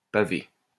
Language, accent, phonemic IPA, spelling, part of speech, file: French, France, /pa.ve/, paver, verb, LL-Q150 (fra)-paver.wav
- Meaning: 1. to cobble, to pave with cobblestones or something similar 2. to pave in any sense (including with asphalt, etc.)